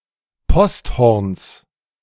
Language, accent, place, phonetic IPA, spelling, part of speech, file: German, Germany, Berlin, [ˈpɔstˌhɔʁns], Posthorns, noun, De-Posthorns.ogg
- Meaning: genitive singular of Posthorn